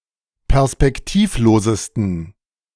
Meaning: 1. superlative degree of perspektivlos 2. inflection of perspektivlos: strong genitive masculine/neuter singular superlative degree
- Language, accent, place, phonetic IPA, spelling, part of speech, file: German, Germany, Berlin, [pɛʁspɛkˈtiːfˌloːzəstn̩], perspektivlosesten, adjective, De-perspektivlosesten.ogg